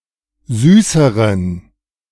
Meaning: inflection of süß: 1. strong genitive masculine/neuter singular comparative degree 2. weak/mixed genitive/dative all-gender singular comparative degree
- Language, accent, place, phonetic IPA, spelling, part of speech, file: German, Germany, Berlin, [ˈzyːsəʁən], süßeren, adjective, De-süßeren.ogg